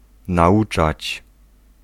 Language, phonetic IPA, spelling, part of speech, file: Polish, [naˈʷut͡ʃat͡ɕ], nauczać, verb, Pl-nauczać.ogg